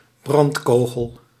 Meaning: an incendiary or explosive artillery missile
- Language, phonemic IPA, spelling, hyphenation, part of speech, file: Dutch, /ˈbrɑntˌkoː.ɣəl/, brandkogel, brand‧ko‧gel, noun, Nl-brandkogel.ogg